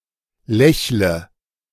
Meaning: inflection of lächeln: 1. first-person singular present 2. singular imperative 3. first/third-person singular subjunctive I
- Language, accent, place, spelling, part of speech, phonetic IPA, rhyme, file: German, Germany, Berlin, lächle, verb, [ˈlɛçlə], -ɛçlə, De-lächle.ogg